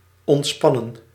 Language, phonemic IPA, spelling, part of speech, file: Dutch, /ˌɔntˈspɑnə(n)/, ontspannen, verb, Nl-ontspannen.ogg
- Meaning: 1. to relax 2. to relax, untense 3. past participle of ontspannen